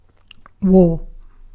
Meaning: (noun) Organized, large-scale, armed conflict between countries or between national, ethnic, or other sizeable groups, usually but not always involving active engagement of military forces
- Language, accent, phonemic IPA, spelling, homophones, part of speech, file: English, Received Pronunciation, /wɔː/, war, wor, noun / verb, En-uk-war.ogg